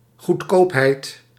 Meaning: cheapness, inexpensiveness
- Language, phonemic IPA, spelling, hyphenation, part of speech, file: Dutch, /ɣutˈkoːp.ɦɛi̯t/, goedkoopheid, goed‧koop‧heid, noun, Nl-goedkoopheid.ogg